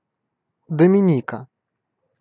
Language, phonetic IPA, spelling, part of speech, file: Russian, [dəmʲɪˈnʲikə], Доминика, proper noun, Ru-Доминика.ogg
- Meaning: Dominica (an island and country in the Caribbean)